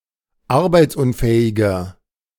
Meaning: inflection of arbeitsunfähig: 1. strong/mixed nominative masculine singular 2. strong genitive/dative feminine singular 3. strong genitive plural
- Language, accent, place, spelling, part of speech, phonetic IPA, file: German, Germany, Berlin, arbeitsunfähiger, adjective, [ˈaʁbaɪ̯t͡sˌʔʊnfɛːɪɡɐ], De-arbeitsunfähiger.ogg